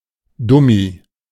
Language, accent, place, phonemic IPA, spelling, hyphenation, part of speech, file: German, Germany, Berlin, /ˈdʊmi/, Dummi, Dum‧mi, noun, De-Dummi.ogg
- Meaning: dummy (unintelligent person)